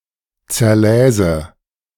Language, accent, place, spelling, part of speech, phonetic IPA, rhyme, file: German, Germany, Berlin, zerläse, verb, [t͡sɛɐ̯ˈlɛːzə], -ɛːzə, De-zerläse.ogg
- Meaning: first/third-person singular subjunctive II of zerlesen